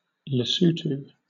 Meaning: A country in Southern Africa. Official name: Kingdom of Lesotho. Capital: Maseru
- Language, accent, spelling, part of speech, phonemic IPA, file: English, Southern England, Lesotho, proper noun, /ləˈsəʊ.təʊ/, LL-Q1860 (eng)-Lesotho.wav